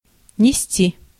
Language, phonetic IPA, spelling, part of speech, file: Russian, [nʲɪˈsʲtʲi], нести, verb, Ru-нести.ogg
- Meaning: 1. to bear, to bring, to carry 2. to carry, to bear, to support 3. to lay (eggs) 4. to talk (about), to babble on (about) 5. to be carried away, to go over the limits